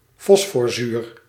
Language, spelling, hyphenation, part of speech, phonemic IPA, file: Dutch, fosforzuur, fos‧for‧zuur, noun, /ˈfɔs.fɔrˌzyːr/, Nl-fosforzuur.ogg
- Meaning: phosphoric acid